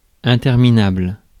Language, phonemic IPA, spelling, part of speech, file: French, /ɛ̃.tɛʁ.mi.nabl/, interminable, adjective, Fr-interminable.ogg
- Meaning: unending, endless, ceaseless, never-ending